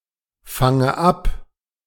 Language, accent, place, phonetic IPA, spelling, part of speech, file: German, Germany, Berlin, [ˌfaŋə ˈap], fange ab, verb, De-fange ab.ogg
- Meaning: inflection of abfangen: 1. first-person singular present 2. first/third-person singular subjunctive I